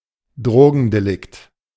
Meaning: drug offense
- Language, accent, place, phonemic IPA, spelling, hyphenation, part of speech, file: German, Germany, Berlin, /ˈdʁoːɡn̩deˌlɪkt/, Drogendelikt, Dro‧gen‧de‧likt, noun, De-Drogendelikt.ogg